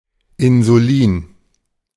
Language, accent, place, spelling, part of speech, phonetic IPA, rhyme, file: German, Germany, Berlin, Insulin, noun, [ɪnzuˈliːn], -iːn, De-Insulin.ogg
- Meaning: insulin (polypeptide hormone)